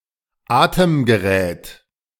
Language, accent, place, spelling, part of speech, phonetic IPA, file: German, Germany, Berlin, Atemgerät, noun, [ˈaːtəmɡəˌʁɛːt], De-Atemgerät.ogg
- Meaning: respirator, breathing apparatus